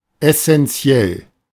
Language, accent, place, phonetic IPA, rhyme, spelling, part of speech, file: German, Germany, Berlin, [ɛsɛnˈt͡si̯ɛl], -ɛl, essentiell, adjective, De-essentiell.ogg
- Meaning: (adjective) essential, crucial; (adverb) essentially